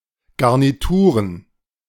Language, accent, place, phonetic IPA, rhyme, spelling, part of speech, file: German, Germany, Berlin, [ˌɡaʁniˈtuːʁən], -uːʁən, Garnituren, noun, De-Garnituren.ogg
- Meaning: plural of Garnitur